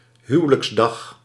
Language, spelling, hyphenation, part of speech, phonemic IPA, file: Dutch, huwelijksdag, hu‧we‧lijks‧dag, noun, /ˈɦyʋələksˌdɑx/, Nl-huwelijksdag.ogg
- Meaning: wedding day